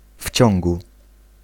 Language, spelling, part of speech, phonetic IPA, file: Polish, w ciągu, prepositional phrase, [ˈfʲ‿t͡ɕɔ̃ŋɡu], Pl-w ciągu.ogg